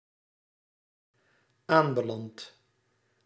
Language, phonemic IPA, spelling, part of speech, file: Dutch, /ˈambəlant/, aanbelandt, verb, Nl-aanbelandt.ogg
- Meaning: second/third-person singular dependent-clause present indicative of aanbelanden